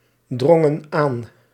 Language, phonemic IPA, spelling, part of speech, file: Dutch, /ˈdrɔŋə(n) ˈan/, drongen aan, verb, Nl-drongen aan.ogg
- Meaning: inflection of aandringen: 1. plural past indicative 2. plural past subjunctive